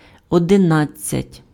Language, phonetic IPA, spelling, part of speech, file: Ukrainian, [ɔdeˈnad͡zʲt͡sʲɐtʲ], одинадцять, numeral, Uk-одинадцять.ogg
- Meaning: eleven (11)